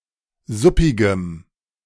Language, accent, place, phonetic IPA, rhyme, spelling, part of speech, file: German, Germany, Berlin, [ˈzʊpɪɡəm], -ʊpɪɡəm, suppigem, adjective, De-suppigem.ogg
- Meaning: strong dative masculine/neuter singular of suppig